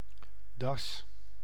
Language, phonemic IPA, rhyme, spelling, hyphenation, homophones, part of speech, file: Dutch, /dɑs/, -ɑs, das, das, da's, noun / contraction, Nl-das.ogg
- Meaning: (noun) 1. A badger, various species of genera Meles and Taxidea 2. Eurasian badger (Meles meles) 3. necktie 4. scarf; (contraction) nonstandard form of da's